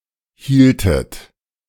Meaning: inflection of halten: 1. second-person plural preterite 2. second-person plural subjunctive II
- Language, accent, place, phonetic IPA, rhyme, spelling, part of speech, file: German, Germany, Berlin, [ˈhiːltət], -iːltət, hieltet, verb, De-hieltet.ogg